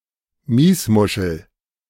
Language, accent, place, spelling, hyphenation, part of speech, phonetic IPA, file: German, Germany, Berlin, Miesmuschel, Mies‧mu‧schel, noun, [ˈmiːsˌmʊʃl̩], De-Miesmuschel.ogg
- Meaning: a type of edible mussel common to the North Sea- the blue mussel, Mytilus edulis